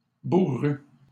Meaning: masculine plural of bourru
- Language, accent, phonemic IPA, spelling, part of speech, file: French, Canada, /bu.ʁy/, bourrus, adjective, LL-Q150 (fra)-bourrus.wav